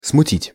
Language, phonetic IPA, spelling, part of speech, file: Russian, [smʊˈtʲitʲ], смутить, verb, Ru-смутить.ogg
- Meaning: 1. to confuse, to embarrass 2. to daunt, to dismay, to discomfort 3. to disturb, to trouble, to stir up